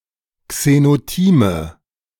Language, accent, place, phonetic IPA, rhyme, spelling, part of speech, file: German, Germany, Berlin, [ksenoˈtiːmə], -iːmə, Xenotime, noun, De-Xenotime.ogg
- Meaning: nominative/accusative/genitive plural of Xenotim